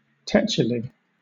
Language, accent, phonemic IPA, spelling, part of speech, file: English, Southern England, /ˈtɛt͡ʃ.ɪ.li/, tetchily, adverb, LL-Q1860 (eng)-tetchily.wav
- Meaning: In an annoyed or irritated manner